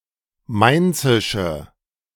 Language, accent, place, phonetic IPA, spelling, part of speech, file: German, Germany, Berlin, [ˈmaɪ̯nt͡sɪʃə], mainzische, adjective, De-mainzische.ogg
- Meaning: inflection of mainzisch: 1. strong/mixed nominative/accusative feminine singular 2. strong nominative/accusative plural 3. weak nominative all-gender singular